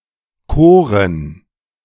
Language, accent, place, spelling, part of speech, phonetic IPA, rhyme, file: German, Germany, Berlin, koren, verb, [ˈkoːʁən], -oːʁən, De-koren.ogg
- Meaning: 1. first/third-person plural preterite of kiesen 2. first/third-person plural preterite of küren